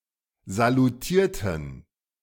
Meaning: inflection of salutieren: 1. first/third-person plural preterite 2. first/third-person plural subjunctive II
- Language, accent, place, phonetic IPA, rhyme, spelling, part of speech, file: German, Germany, Berlin, [zaluˈtiːɐ̯tn̩], -iːɐ̯tn̩, salutierten, adjective / verb, De-salutierten.ogg